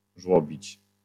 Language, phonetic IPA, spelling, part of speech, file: Polish, [ˈʒwɔbʲit͡ɕ], żłobić, verb, LL-Q809 (pol)-żłobić.wav